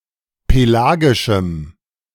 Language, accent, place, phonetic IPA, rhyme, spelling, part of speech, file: German, Germany, Berlin, [peˈlaːɡɪʃm̩], -aːɡɪʃm̩, pelagischem, adjective, De-pelagischem.ogg
- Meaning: strong dative masculine/neuter singular of pelagisch